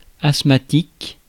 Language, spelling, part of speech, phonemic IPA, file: French, asthmatique, adjective / noun, /as.ma.tik/, Fr-asthmatique.ogg
- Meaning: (adjective) 1. asthmatic (affected with asthma) 2. weak, feeble; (noun) asthmatic (someone affected by asthma)